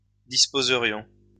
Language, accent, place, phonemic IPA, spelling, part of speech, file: French, France, Lyon, /dis.po.zə.ʁjɔ̃/, disposerions, verb, LL-Q150 (fra)-disposerions.wav
- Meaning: first-person plural conditional of disposer